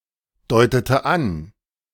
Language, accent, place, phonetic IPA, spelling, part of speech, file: German, Germany, Berlin, [ˌdɔɪ̯tətə ˈan], deutete an, verb, De-deutete an.ogg
- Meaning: inflection of andeuten: 1. first/third-person singular preterite 2. first/third-person singular subjunctive II